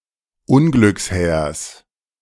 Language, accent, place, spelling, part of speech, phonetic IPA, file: German, Germany, Berlin, Unglückshähers, noun, [ˈʊnɡlʏksˌhɛːɐs], De-Unglückshähers.ogg
- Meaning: genitive singular of Unglückshäher